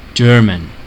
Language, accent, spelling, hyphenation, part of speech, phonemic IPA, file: English, US, German, Ger‧man, noun / proper noun / adjective, /ˈd͡ʒɝ.mən/, En-us-German.ogg
- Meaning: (noun) 1. A native or inhabitant of Germany; a person of German citizenship or nationality 2. A member of a Germanic tribe 3. A German wine